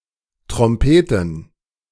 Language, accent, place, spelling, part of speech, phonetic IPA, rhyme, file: German, Germany, Berlin, Trompeten, noun, [tʁɔmˈpeːtn̩], -eːtn̩, De-Trompeten.ogg
- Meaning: plural of Trompete